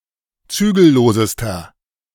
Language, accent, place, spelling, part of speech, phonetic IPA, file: German, Germany, Berlin, zügellosester, adjective, [ˈt͡syːɡl̩ˌloːzəstɐ], De-zügellosester.ogg
- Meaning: inflection of zügellos: 1. strong/mixed nominative masculine singular superlative degree 2. strong genitive/dative feminine singular superlative degree 3. strong genitive plural superlative degree